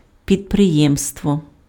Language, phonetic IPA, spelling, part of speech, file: Ukrainian, [pʲidpreˈjɛmstwɔ], підприємство, noun, Uk-підприємство.ogg
- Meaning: enterprise, undertaking